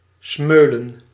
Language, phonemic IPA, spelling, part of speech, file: Dutch, /ˈsmø.lə(n)/, smeulen, verb, Nl-smeulen.ogg
- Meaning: to smoulder